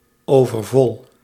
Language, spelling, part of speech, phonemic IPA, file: Dutch, overvol, adjective, /ˌovərˈvɔl/, Nl-overvol.ogg
- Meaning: 1. overfull 2. stuffed (having eaten too much) 3. overcrowded, congested